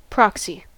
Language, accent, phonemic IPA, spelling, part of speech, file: English, US, /ˈpɹɑk.si/, proxy, adjective / noun / verb, En-us-proxy.ogg
- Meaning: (adjective) Used as a proxy or acting as a proxy; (noun) 1. An agent or substitute authorized to act for another person 2. The authority to act for another, especially when written